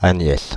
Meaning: a female given name, equivalent to English Agnes
- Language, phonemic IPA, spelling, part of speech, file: French, /a.ɲɛs/, Agnès, proper noun, Fr-Agnès.ogg